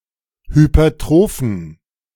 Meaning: inflection of hypertroph: 1. strong genitive masculine/neuter singular 2. weak/mixed genitive/dative all-gender singular 3. strong/weak/mixed accusative masculine singular 4. strong dative plural
- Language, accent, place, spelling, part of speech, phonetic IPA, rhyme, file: German, Germany, Berlin, hypertrophen, adjective, [hypɐˈtʁoːfn̩], -oːfn̩, De-hypertrophen.ogg